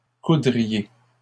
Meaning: second-person plural conditional of coudre
- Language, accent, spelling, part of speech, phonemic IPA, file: French, Canada, coudriez, verb, /ku.dʁi.je/, LL-Q150 (fra)-coudriez.wav